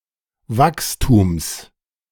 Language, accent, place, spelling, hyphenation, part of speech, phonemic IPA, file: German, Germany, Berlin, Wachstums, Wachs‧tums, noun, /ˈvakstuːms/, De-Wachstums.ogg
- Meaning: genitive singular of Wachstum